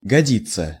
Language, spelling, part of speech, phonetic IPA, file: Russian, годиться, verb, [ɡɐˈdʲit͡sːə], Ru-годиться.ogg
- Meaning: 1. to suit 2. to be fit (for), to be of use